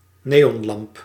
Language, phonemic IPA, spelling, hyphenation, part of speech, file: Dutch, /ˈneː.ɔnˌlɑmp/, neonlamp, ne‧on‧lamp, noun, Nl-neonlamp.ogg
- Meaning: neon lamp